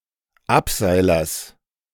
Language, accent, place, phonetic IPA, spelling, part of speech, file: German, Germany, Berlin, [ˈapˌzaɪ̯lɐs], Abseilers, noun, De-Abseilers.ogg
- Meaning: genitive of Abseiler